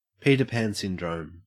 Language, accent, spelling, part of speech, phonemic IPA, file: English, Australia, Peter Pan syndrome, proper noun, /piːtə pan ˈsɪndɹəʊm/, En-au-Peter Pan syndrome.ogg